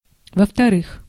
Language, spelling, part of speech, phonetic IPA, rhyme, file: Russian, во-вторых, adverb, [və‿ftɐˈrɨx], -ɨx, Ru-во-вторых.ogg
- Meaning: secondly, second (in the second place)